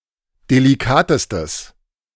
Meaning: strong/mixed nominative/accusative neuter singular superlative degree of delikat
- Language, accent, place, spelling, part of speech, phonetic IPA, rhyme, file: German, Germany, Berlin, delikatestes, adjective, [deliˈkaːtəstəs], -aːtəstəs, De-delikatestes.ogg